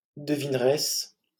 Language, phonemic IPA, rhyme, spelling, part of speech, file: French, /də.vin.ʁɛs/, -ɛs, devineresse, noun, LL-Q150 (fra)-devineresse.wav
- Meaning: female equivalent of devin